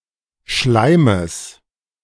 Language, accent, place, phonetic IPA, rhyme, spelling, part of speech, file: German, Germany, Berlin, [ˈʃlaɪ̯məs], -aɪ̯məs, Schleimes, noun, De-Schleimes.ogg
- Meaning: genitive singular of Schleim